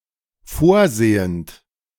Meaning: present participle of vorsehen
- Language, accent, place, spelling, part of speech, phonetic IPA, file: German, Germany, Berlin, vorsehend, verb, [ˈfoːɐ̯ˌzeːənt], De-vorsehend.ogg